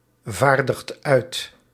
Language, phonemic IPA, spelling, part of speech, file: Dutch, /ˈvardəxt ˈœyt/, vaardigt uit, verb, Nl-vaardigt uit.ogg
- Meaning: inflection of uitvaardigen: 1. second/third-person singular present indicative 2. plural imperative